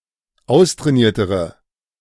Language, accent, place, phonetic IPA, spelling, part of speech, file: German, Germany, Berlin, [ˈaʊ̯stʁɛːˌniːɐ̯təʁə], austrainiertere, adjective, De-austrainiertere.ogg
- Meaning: inflection of austrainiert: 1. strong/mixed nominative/accusative feminine singular comparative degree 2. strong nominative/accusative plural comparative degree